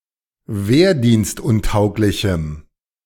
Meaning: strong dative masculine/neuter singular of wehrdienstuntauglich
- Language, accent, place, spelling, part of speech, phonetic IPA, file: German, Germany, Berlin, wehrdienstuntauglichem, adjective, [ˈveːɐ̯diːnstˌʊntaʊ̯klɪçm̩], De-wehrdienstuntauglichem.ogg